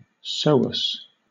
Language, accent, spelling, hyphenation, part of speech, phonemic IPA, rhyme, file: English, Southern England, psoas, pso‧as, noun, /ˈsəʊ.əs/, -əʊəs, LL-Q1860 (eng)-psoas.wav
- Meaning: Either of two muscles, the psoas major and psoas minor, involved in flexion of the trunk